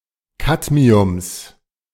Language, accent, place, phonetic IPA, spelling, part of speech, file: German, Germany, Berlin, [ˈkatmiʊms], Cadmiums, noun, De-Cadmiums.ogg
- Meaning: genitive singular of Cadmium